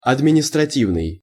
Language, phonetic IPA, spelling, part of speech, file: Russian, [ɐdmʲɪnʲɪstrɐˈtʲivnɨj], административный, adjective, Ru-административный.ogg
- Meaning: administrative